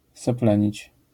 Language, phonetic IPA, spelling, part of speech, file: Polish, [sɛˈplɛ̃ɲit͡ɕ], seplenić, verb, LL-Q809 (pol)-seplenić.wav